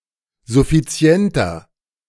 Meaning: 1. comparative degree of suffizient 2. inflection of suffizient: strong/mixed nominative masculine singular 3. inflection of suffizient: strong genitive/dative feminine singular
- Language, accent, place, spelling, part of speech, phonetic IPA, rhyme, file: German, Germany, Berlin, suffizienter, adjective, [zʊfiˈt͡si̯ɛntɐ], -ɛntɐ, De-suffizienter.ogg